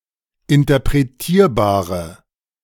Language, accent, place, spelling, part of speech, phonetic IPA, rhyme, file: German, Germany, Berlin, interpretierbare, adjective, [ɪntɐpʁeˈtiːɐ̯baːʁə], -iːɐ̯baːʁə, De-interpretierbare.ogg
- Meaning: inflection of interpretierbar: 1. strong/mixed nominative/accusative feminine singular 2. strong nominative/accusative plural 3. weak nominative all-gender singular